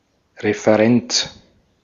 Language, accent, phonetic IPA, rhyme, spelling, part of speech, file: German, Austria, [ʁefəˈʁɛnt͡s], -ɛnt͡s, Referenz, noun, De-at-Referenz.ogg
- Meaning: 1. reference (measurement one can compare to) 2. reference